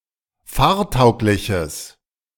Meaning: strong/mixed nominative/accusative neuter singular of fahrtauglich
- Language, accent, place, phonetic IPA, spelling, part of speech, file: German, Germany, Berlin, [ˈfaːɐ̯ˌtaʊ̯klɪçəs], fahrtaugliches, adjective, De-fahrtaugliches.ogg